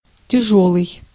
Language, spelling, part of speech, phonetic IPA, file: Russian, тяжёлый, adjective, [tʲɪˈʐoɫɨj], Ru-тяжёлый.ogg
- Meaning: 1. heavy 2. difficult, hard, tough 3. laborious 4. serious 5. severe, grave 6. grievous, oppressive, painful, sad